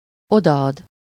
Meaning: to give something (to someone: -nak/-nek)
- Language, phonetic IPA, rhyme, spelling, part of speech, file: Hungarian, [ˈodɒɒd], -ɒd, odaad, verb, Hu-odaad.ogg